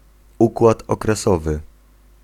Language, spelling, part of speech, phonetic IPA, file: Polish, układ okresowy, noun, [ˈukwat ˌɔkrɛˈsɔvɨ], Pl-układ okresowy.ogg